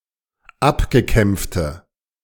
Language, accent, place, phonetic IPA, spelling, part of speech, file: German, Germany, Berlin, [ˈapɡəˌkɛmp͡ftə], abgekämpfte, adjective, De-abgekämpfte.ogg
- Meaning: inflection of abgekämpft: 1. strong/mixed nominative/accusative feminine singular 2. strong nominative/accusative plural 3. weak nominative all-gender singular